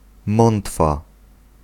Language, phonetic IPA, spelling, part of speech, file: Polish, [ˈmɔ̃ntfa], mątwa, noun, Pl-mątwa.ogg